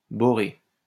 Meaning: boron
- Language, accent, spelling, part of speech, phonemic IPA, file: French, France, boré, adjective, /bɔ.ʁe/, LL-Q150 (fra)-boré.wav